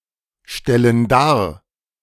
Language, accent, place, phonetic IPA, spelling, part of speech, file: German, Germany, Berlin, [ˌʃtɛlən ˈdaːɐ̯], stellen dar, verb, De-stellen dar.ogg
- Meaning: inflection of darstellen: 1. first/third-person plural present 2. first/third-person plural subjunctive I